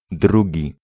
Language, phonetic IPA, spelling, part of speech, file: Polish, [ˈdruɟi], drugi, adjective / noun, Pl-drugi.ogg